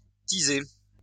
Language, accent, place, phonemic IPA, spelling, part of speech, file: French, France, Lyon, /ti.ze/, tiser, verb, LL-Q150 (fra)-tiser.wav
- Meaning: 1. to stoke (a furnace, etc.) 2. to booze, hit the bottle